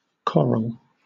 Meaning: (noun) Any of many species of marine invertebrates in the class Anthozoa, most of which build hard calcium carbonate skeletons and form colonies, or a colony belonging to one of those species
- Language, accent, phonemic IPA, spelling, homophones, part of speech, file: English, Southern England, /ˈkɒɹəl/, coral, choral, noun / adjective, LL-Q1860 (eng)-coral.wav